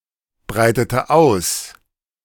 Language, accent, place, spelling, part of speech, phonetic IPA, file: German, Germany, Berlin, breitete aus, verb, [ˌbʁaɪ̯tətə ˈaʊ̯s], De-breitete aus.ogg
- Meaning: inflection of ausbreiten: 1. first/third-person singular preterite 2. first/third-person singular subjunctive II